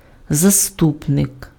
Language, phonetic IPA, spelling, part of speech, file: Ukrainian, [zɐˈstupnek], заступник, noun, Uk-заступник.ogg
- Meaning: 1. deputy, assistant 2. patron, protector, defender